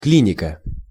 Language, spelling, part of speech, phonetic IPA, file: Russian, клиника, noun, [ˈklʲinʲɪkə], Ru-клиника.ogg
- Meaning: clinic